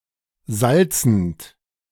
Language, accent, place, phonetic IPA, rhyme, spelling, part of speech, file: German, Germany, Berlin, [ˈzalt͡sn̩t], -alt͡sn̩t, salzend, verb, De-salzend.ogg
- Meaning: present participle of salzen